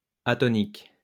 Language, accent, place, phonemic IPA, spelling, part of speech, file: French, France, Lyon, /a.tɔ.nik/, atonique, adjective, LL-Q150 (fra)-atonique.wav
- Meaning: atonic (of sound, toneless)